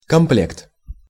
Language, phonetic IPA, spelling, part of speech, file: Russian, [kɐmˈplʲekt], комплект, noun, Ru-комплект.ogg
- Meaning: 1. set, suit, suite, complement 2. kit, outfit 3. series